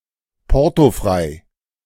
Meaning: postage-free
- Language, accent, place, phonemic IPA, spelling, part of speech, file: German, Germany, Berlin, /ˈpɔʁtoˌfʁaɪ̯/, portofrei, adjective, De-portofrei.ogg